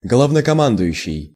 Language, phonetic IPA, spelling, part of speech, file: Russian, [ɡɫəvnəkɐˈmandʊjʉɕːɪj], главнокомандующий, noun, Ru-главнокомандующий.ogg
- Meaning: commander-in-chief